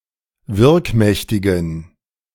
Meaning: inflection of wirkmächtig: 1. strong genitive masculine/neuter singular 2. weak/mixed genitive/dative all-gender singular 3. strong/weak/mixed accusative masculine singular 4. strong dative plural
- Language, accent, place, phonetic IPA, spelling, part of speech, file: German, Germany, Berlin, [ˈvɪʁkˌmɛçtɪɡn̩], wirkmächtigen, adjective, De-wirkmächtigen.ogg